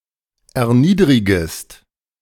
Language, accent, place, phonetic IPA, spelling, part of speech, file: German, Germany, Berlin, [ɛɐ̯ˈniːdʁɪɡəst], erniedrigest, verb, De-erniedrigest.ogg
- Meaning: second-person singular subjunctive I of erniedrigen